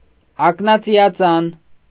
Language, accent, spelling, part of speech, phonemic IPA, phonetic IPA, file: Armenian, Eastern Armenian, ակնածիածան, noun, /ɑknɑt͡sijɑˈt͡sɑn/, [ɑknɑt͡sijɑt͡sɑ́n], Hy-ակնածիածան.ogg
- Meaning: iris (of the eye)